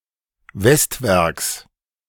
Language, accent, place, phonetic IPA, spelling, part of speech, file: German, Germany, Berlin, [ˈvɛstˌvɛʁks], Westwerks, noun, De-Westwerks.ogg
- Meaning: genitive singular of Westwerk